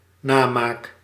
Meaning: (noun) imitation, counterfeit, knockoff; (verb) first-person singular dependent-clause present indicative of namaken
- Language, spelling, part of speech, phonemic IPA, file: Dutch, namaak, noun / verb, /ˈnamak/, Nl-namaak.ogg